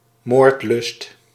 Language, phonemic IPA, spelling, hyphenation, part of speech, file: Dutch, /ˈmoːrt.lʏst/, moordlust, moord‧lust, noun, Nl-moordlust.ogg
- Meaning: bloodlust, a desire to murder